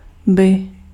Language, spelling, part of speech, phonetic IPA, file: Czech, by, particle, [ˈbɪ], Cs-by.ogg
- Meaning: 1. third-person singular/plural conditional of být; would 2. ; would